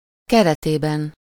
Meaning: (postposition) within the frame of, under, during (denoting the circumstances, setting, context or backdrop of an occurrence); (noun) inessive singular of kerete
- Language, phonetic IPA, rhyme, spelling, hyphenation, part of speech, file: Hungarian, [ˈkɛrɛteːbɛn], -ɛn, keretében, ke‧re‧té‧ben, postposition / noun, Hu-keretében.ogg